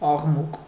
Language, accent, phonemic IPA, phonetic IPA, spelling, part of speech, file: Armenian, Eastern Armenian, /ɑʁˈmuk/, [ɑʁmúk], աղմուկ, noun, Hy-աղմուկ.ogg
- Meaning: noise